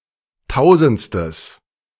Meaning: strong/mixed nominative/accusative neuter singular of tausendste
- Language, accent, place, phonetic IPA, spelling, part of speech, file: German, Germany, Berlin, [ˈtaʊ̯zn̩t͡stəs], tausendstes, adjective, De-tausendstes.ogg